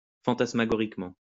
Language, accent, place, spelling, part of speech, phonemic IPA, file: French, France, Lyon, fantasmagoriquement, adverb, /fɑ̃.tas.ma.ɡɔ.ʁik.mɑ̃/, LL-Q150 (fra)-fantasmagoriquement.wav
- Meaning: phantasmagorically